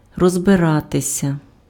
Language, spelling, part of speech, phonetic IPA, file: Ukrainian, розбиратися, verb, [rɔzbeˈratesʲɐ], Uk-розбиратися.ogg
- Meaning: 1. to deal with, to get to grips with (з + instrumental) 2. to figure out, to work out, to get to grips with, to get a handle on (gain understanding) (в / у чо́мусь (locative))